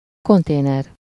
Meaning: container (a very large, typically metal, box used for transporting goods)
- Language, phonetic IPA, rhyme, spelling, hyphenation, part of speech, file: Hungarian, [ˈkonteːnɛr], -ɛr, konténer, kon‧té‧ner, noun, Hu-konténer.ogg